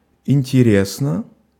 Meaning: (adverb) interestingly, in an interesting manner; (adjective) 1. it is interesting (to someone) 2. I wonder (introduces a clause) 3. short neuter singular of интере́сный (interésnyj)
- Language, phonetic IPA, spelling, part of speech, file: Russian, [ɪnʲtʲɪˈrʲesnə], интересно, adverb / adjective, Ru-интересно.ogg